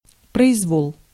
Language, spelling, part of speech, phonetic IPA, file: Russian, произвол, noun, [prəɪzˈvoɫ], Ru-произвол.ogg
- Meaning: 1. free will 2. power abuse; arbitrary will, behaviour or rule 3. lawlessness